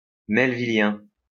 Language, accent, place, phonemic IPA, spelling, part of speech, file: French, France, Lyon, /mɛl.vi.ljɛ̃/, melvillien, adjective, LL-Q150 (fra)-melvillien.wav
- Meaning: Melvillian